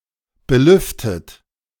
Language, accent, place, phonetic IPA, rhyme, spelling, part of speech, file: German, Germany, Berlin, [bəˈlʏftət], -ʏftət, belüftet, verb, De-belüftet.ogg
- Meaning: past participle of belüften